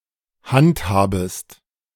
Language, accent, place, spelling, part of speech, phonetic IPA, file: German, Germany, Berlin, handhabest, verb, [ˈhantˌhaːbəst], De-handhabest.ogg
- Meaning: second-person singular subjunctive I of handhaben